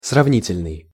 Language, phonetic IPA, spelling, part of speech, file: Russian, [srɐvˈnʲitʲɪlʲnɨj], сравнительный, adjective, Ru-сравнительный.ogg
- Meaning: comparative